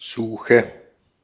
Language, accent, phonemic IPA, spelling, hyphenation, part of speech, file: German, Austria, /ˈzuːxə/, Suche, Su‧che, noun / proper noun, De-at-Suche.ogg
- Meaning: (noun) search; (proper noun) German name of any of several villages, including three in what is now Poland and two in Ukraine